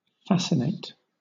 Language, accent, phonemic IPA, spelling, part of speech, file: English, Southern England, /ˈfæsɪneɪt/, fascinate, verb, LL-Q1860 (eng)-fascinate.wav
- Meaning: 1. To evoke an intense interest or attraction in someone 2. To make someone hold motionless; to spellbind 3. To be irresistibly charming or attractive to